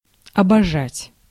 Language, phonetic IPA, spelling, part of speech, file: Russian, [ɐbɐˈʐatʲ], обожать, verb, Ru-обожать.ogg
- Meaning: 1. to adore, to love 2. to deify, to revere, worship